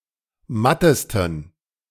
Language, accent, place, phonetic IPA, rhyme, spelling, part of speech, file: German, Germany, Berlin, [ˈmatəstn̩], -atəstn̩, mattesten, adjective, De-mattesten.ogg
- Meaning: 1. superlative degree of matt 2. inflection of matt: strong genitive masculine/neuter singular superlative degree